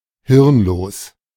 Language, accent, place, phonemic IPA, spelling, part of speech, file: German, Germany, Berlin, /ˈhɪʁnˌloːs/, hirnlos, adjective, De-hirnlos.ogg
- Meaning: brainless, witless, mindless